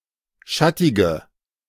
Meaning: inflection of schattig: 1. strong/mixed nominative/accusative feminine singular 2. strong nominative/accusative plural 3. weak nominative all-gender singular
- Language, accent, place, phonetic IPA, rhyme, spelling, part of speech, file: German, Germany, Berlin, [ˈʃatɪɡə], -atɪɡə, schattige, adjective, De-schattige.ogg